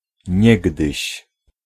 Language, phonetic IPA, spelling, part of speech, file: Polish, [ˈɲɛɡdɨɕ], niegdyś, pronoun, Pl-niegdyś.ogg